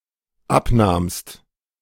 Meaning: second-person singular dependent preterite of abnehmen
- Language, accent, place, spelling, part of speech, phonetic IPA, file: German, Germany, Berlin, abnahmst, verb, [ˈapˌnaːmst], De-abnahmst.ogg